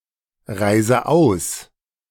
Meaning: inflection of ausreisen: 1. first-person singular present 2. first/third-person singular subjunctive I 3. singular imperative
- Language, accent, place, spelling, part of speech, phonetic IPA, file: German, Germany, Berlin, reise aus, verb, [ˌʁaɪ̯zə ˈaʊ̯s], De-reise aus.ogg